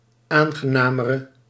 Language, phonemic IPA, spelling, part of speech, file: Dutch, /ˈaŋɣəˌnamərə/, aangenamere, adjective, Nl-aangenamere.ogg
- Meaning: inflection of aangenamer, the comparative degree of aangenaam: 1. masculine/feminine singular attributive 2. definite neuter singular attributive 3. plural attributive